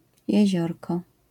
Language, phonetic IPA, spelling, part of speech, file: Polish, [jɛ̇ˈʑɔrkɔ], jeziorko, noun, LL-Q809 (pol)-jeziorko.wav